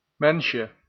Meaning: diminutive of mens
- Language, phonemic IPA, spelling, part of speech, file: Dutch, /mɛnʃə/, mensje, noun, Nl-mensje.ogg